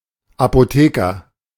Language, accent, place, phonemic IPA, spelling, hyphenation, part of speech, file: German, Germany, Berlin, /ˌapoˈteːkɐ/, Apotheker, Apo‧the‧ker, noun, De-Apotheker.ogg
- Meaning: pharmacist, druggist, (dispensing) chemist (Brit.), apothecary (archaic) (male or of unspecified gender)